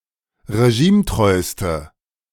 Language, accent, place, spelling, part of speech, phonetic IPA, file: German, Germany, Berlin, regimetreuste, adjective, [ʁeˈʒiːmˌtʁɔɪ̯stə], De-regimetreuste.ogg
- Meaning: inflection of regimetreu: 1. strong/mixed nominative/accusative feminine singular superlative degree 2. strong nominative/accusative plural superlative degree